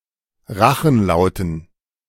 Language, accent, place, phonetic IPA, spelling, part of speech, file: German, Germany, Berlin, [ˈʁaxn̩ˌlaʊ̯tn̩], Rachenlauten, noun, De-Rachenlauten.ogg
- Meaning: dative plural of Rachenlaut